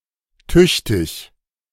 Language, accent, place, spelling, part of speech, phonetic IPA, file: German, Germany, Berlin, tüchtig, adjective, [ˈtʏç.tɪç], De-tüchtig.ogg
- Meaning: 1. able, competent, hard-working (of a worker, etc.) 2. big, significant, proper 3. good, well-done, well-made